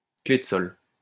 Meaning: G clef, treble clef
- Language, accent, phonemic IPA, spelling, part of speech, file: French, France, /kle d(ə) sɔl/, clef de sol, noun, LL-Q150 (fra)-clef de sol.wav